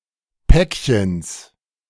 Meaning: genitive singular of Päckchen
- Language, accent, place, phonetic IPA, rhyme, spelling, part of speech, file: German, Germany, Berlin, [ˈpɛkçəns], -ɛkçəns, Päckchens, noun, De-Päckchens.ogg